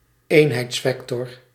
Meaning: unit vector (vector with length 1)
- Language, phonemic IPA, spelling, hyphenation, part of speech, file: Dutch, /ˈeːn.ɦɛi̯tsˌfɛk.tɔr/, eenheidsvector, een‧heids‧vec‧tor, noun, Nl-eenheidsvector.ogg